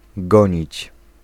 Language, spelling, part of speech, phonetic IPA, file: Polish, gonić, verb, [ˈɡɔ̃ɲit͡ɕ], Pl-gonić.ogg